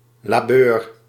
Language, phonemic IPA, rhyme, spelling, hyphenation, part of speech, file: Dutch, /laːˈbøːr/, -øːr, labeur, la‧beur, noun, Nl-labeur.ogg
- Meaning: toil, hard labour, heavy labour, in the past esp. on agricultural land